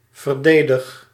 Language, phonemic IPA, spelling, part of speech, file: Dutch, /vərˈdeːdɪx/, verdedig, verb, Nl-verdedig.ogg
- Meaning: inflection of verdedigen: 1. first-person singular present indicative 2. second-person singular present indicative 3. imperative